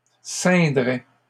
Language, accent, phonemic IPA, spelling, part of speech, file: French, Canada, /sɛ̃.dʁɛ/, ceindraient, verb, LL-Q150 (fra)-ceindraient.wav
- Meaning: third-person plural conditional of ceindre